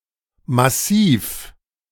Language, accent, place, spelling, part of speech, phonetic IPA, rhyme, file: German, Germany, Berlin, Massiv, noun, [maˈsiːf], -iːf, De-Massiv.ogg
- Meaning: massif